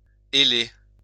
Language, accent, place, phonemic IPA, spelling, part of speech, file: French, France, Lyon, /e.le/, héler, verb, LL-Q150 (fra)-héler.wav
- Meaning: to hail (call out loudly)